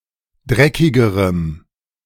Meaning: strong dative masculine/neuter singular comparative degree of dreckig
- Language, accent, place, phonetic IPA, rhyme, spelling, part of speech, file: German, Germany, Berlin, [ˈdʁɛkɪɡəʁəm], -ɛkɪɡəʁəm, dreckigerem, adjective, De-dreckigerem.ogg